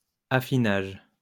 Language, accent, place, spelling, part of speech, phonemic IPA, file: French, France, Lyon, affinage, noun, /a.fi.naʒ/, LL-Q150 (fra)-affinage.wav
- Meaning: 1. affinage 2. refining